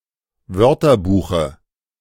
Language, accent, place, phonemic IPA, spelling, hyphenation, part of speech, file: German, Germany, Berlin, /ˈvœʁtɐˌbuːxə/, Wörterbuche, Wör‧ter‧bu‧che, noun, De-Wörterbuche.ogg
- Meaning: dative singular of Wörterbuch